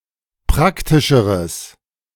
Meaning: strong/mixed nominative/accusative neuter singular comparative degree of praktisch
- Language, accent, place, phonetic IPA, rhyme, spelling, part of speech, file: German, Germany, Berlin, [ˈpʁaktɪʃəʁəs], -aktɪʃəʁəs, praktischeres, adjective, De-praktischeres.ogg